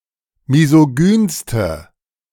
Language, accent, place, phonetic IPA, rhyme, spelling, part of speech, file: German, Germany, Berlin, [mizoˈɡyːnstə], -yːnstə, misogynste, adjective, De-misogynste.ogg
- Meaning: inflection of misogyn: 1. strong/mixed nominative/accusative feminine singular superlative degree 2. strong nominative/accusative plural superlative degree